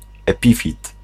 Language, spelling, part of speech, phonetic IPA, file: Polish, epifit, noun, [ɛˈpʲifʲit], Pl-epifit.ogg